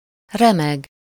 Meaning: to shake, quiver
- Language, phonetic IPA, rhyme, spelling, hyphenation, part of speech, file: Hungarian, [ˈrɛmɛɡ], -ɛɡ, remeg, re‧meg, verb, Hu-remeg.ogg